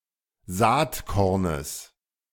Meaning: genitive singular of Saatkorn
- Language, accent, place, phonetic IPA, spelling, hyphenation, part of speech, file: German, Germany, Berlin, [ˈzaːtˌkɔʁnəs], Saatkornes, Saat‧kor‧nes, noun, De-Saatkornes.ogg